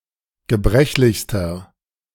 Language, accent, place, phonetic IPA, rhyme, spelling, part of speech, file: German, Germany, Berlin, [ɡəˈbʁɛçlɪçstɐ], -ɛçlɪçstɐ, gebrechlichster, adjective, De-gebrechlichster.ogg
- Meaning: inflection of gebrechlich: 1. strong/mixed nominative masculine singular superlative degree 2. strong genitive/dative feminine singular superlative degree 3. strong genitive plural superlative degree